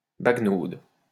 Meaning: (noun) 1. dawdling 2. stroll; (verb) inflection of baguenauder: 1. first/third-person singular present indicative/subjunctive 2. second-person singular imperative
- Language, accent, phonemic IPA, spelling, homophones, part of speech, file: French, France, /baɡ.nod/, baguenaude, baguenaudent / baguenaudes, noun / verb, LL-Q150 (fra)-baguenaude.wav